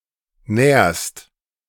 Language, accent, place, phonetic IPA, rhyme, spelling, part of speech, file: German, Germany, Berlin, [nɛːɐ̯st], -ɛːɐ̯st, nährst, verb, De-nährst.ogg
- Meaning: second-person singular present of nähren